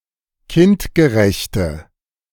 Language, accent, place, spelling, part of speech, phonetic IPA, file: German, Germany, Berlin, kindgerechte, adjective, [ˈkɪntɡəˌʁɛçtə], De-kindgerechte.ogg
- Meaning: inflection of kindgerecht: 1. strong/mixed nominative/accusative feminine singular 2. strong nominative/accusative plural 3. weak nominative all-gender singular